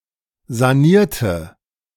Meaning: inflection of sanieren: 1. first/third-person singular preterite 2. first/third-person singular subjunctive II
- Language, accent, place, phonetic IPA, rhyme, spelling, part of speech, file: German, Germany, Berlin, [zaˈniːɐ̯tə], -iːɐ̯tə, sanierte, adjective / verb, De-sanierte.ogg